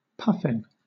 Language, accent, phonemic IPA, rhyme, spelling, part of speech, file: English, Southern England, /ˈpʌfɪn/, -ʌfɪn, puffin, noun, LL-Q1860 (eng)-puffin.wav
- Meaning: The young of the Manx shearwater (Puffinus puffinus), especially eaten as food